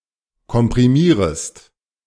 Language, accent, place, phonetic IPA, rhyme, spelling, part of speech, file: German, Germany, Berlin, [kɔmpʁiˈmiːʁəst], -iːʁəst, komprimierest, verb, De-komprimierest.ogg
- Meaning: second-person singular subjunctive I of komprimieren